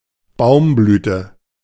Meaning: 1. tree blossom 2. flowering season of trees
- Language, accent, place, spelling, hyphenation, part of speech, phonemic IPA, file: German, Germany, Berlin, Baumblüte, Baum‧blü‧te, noun, /ˈbaʊ̯mˌblyːtə/, De-Baumblüte.ogg